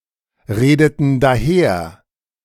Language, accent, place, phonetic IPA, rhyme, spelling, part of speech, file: German, Germany, Berlin, [ˌʁeːdətn̩ daˈheːɐ̯], -eːɐ̯, redeten daher, verb, De-redeten daher.ogg
- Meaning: inflection of daherreden: 1. first/third-person plural preterite 2. first/third-person plural subjunctive II